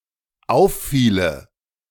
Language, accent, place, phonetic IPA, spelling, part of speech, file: German, Germany, Berlin, [ˈaʊ̯fˌfiːlə], auffiele, verb, De-auffiele.ogg
- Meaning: first/third-person singular dependent subjunctive II of auffallen